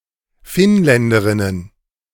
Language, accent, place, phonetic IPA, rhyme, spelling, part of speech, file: German, Germany, Berlin, [ˈfɪnˌlɛndəʁɪnən], -ɪnlɛndəʁɪnən, Finnländerinnen, noun, De-Finnländerinnen.ogg
- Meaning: plural of Finnländerin